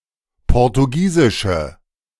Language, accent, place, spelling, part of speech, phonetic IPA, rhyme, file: German, Germany, Berlin, portugiesische, adjective, [ˌpɔʁtuˈɡiːzɪʃə], -iːzɪʃə, De-portugiesische.ogg
- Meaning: inflection of portugiesisch: 1. strong/mixed nominative/accusative feminine singular 2. strong nominative/accusative plural 3. weak nominative all-gender singular